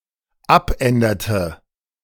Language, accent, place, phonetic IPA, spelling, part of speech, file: German, Germany, Berlin, [ˈapˌʔɛndɐtə], abänderte, verb, De-abänderte.ogg
- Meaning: inflection of abändern: 1. first/third-person singular dependent preterite 2. first/third-person singular dependent subjunctive II